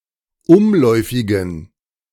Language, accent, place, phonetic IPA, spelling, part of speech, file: German, Germany, Berlin, [ˈʊmˌlɔɪ̯fɪɡn̩], umläufigen, adjective, De-umläufigen.ogg
- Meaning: inflection of umläufig: 1. strong genitive masculine/neuter singular 2. weak/mixed genitive/dative all-gender singular 3. strong/weak/mixed accusative masculine singular 4. strong dative plural